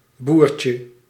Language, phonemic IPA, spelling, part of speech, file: Dutch, /ˈburcə/, boertje, noun, Nl-boertje.ogg
- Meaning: 1. diminutive of boer (all senses and etymologies) 2. diminutive of boert